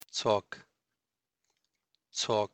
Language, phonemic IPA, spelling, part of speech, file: Pashto, /t͡sok/, څوک, pronoun, څوک.ogg
- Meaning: who